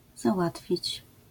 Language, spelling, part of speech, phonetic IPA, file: Polish, załatwić, verb, [zaˈwatfʲit͡ɕ], LL-Q809 (pol)-załatwić.wav